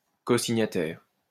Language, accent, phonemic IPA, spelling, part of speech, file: French, France, /ko.si.ɲa.tɛʁ/, cosignataire, noun, LL-Q150 (fra)-cosignataire.wav
- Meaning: cosignatory